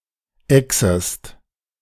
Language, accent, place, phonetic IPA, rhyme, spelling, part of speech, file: German, Germany, Berlin, [ɛksəst], -ɛksəst, exest, verb, De-exest.ogg
- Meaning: second-person singular subjunctive I of exen